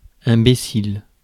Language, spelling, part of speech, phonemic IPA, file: French, imbécile, adjective / noun, /ɛ̃.be.sil/, Fr-imbécile.ogg
- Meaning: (adjective) stupid, foolish, acting like an imbecile; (noun) imbecile